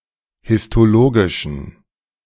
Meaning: inflection of histologisch: 1. strong genitive masculine/neuter singular 2. weak/mixed genitive/dative all-gender singular 3. strong/weak/mixed accusative masculine singular 4. strong dative plural
- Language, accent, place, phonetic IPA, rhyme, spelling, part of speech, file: German, Germany, Berlin, [hɪstoˈloːɡɪʃn̩], -oːɡɪʃn̩, histologischen, adjective, De-histologischen.ogg